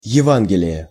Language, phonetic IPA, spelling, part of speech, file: Russian, [(j)ɪˈvanɡʲɪlʲɪje], евангелие, noun, Ru-евангелие.ogg
- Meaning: gospel (first section of New Testament)